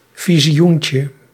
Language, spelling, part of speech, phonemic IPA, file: Dutch, visioentje, noun, /ˌviziˈjuɲcə/, Nl-visioentje.ogg
- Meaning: diminutive of visioen